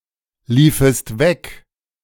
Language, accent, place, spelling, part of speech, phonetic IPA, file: German, Germany, Berlin, liefest weg, verb, [ˌliːfəst ˈvɛk], De-liefest weg.ogg
- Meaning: second-person singular subjunctive II of weglaufen